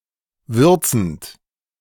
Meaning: present participle of würzen
- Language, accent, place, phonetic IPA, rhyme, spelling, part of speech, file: German, Germany, Berlin, [ˈvʏʁt͡sn̩t], -ʏʁt͡sn̩t, würzend, verb, De-würzend.ogg